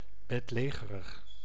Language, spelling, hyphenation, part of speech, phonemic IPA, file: Dutch, bedlegerig, bed‧le‧ge‧rig, adjective, /ˌbɛtˈleːɣərəx/, Nl-bedlegerig.ogg
- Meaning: bedridden, confined to bed, usually on medical grounds